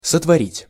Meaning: 1. to create 2. to do, to make
- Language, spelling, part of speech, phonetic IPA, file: Russian, сотворить, verb, [sətvɐˈrʲitʲ], Ru-сотворить.ogg